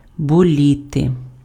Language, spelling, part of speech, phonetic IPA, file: Ukrainian, боліти, verb, [boˈlʲite], Uk-боліти.ogg
- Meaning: 1. to be sick, to be ill, to be ailing 2. to be anxious, to be apprehensive 3. to cheer, to root for 4. to ache, to hurt